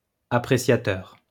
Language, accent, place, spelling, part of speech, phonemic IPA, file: French, France, Lyon, appréciateur, noun, /a.pʁe.sja.tœʁ/, LL-Q150 (fra)-appréciateur.wav
- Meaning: appreciator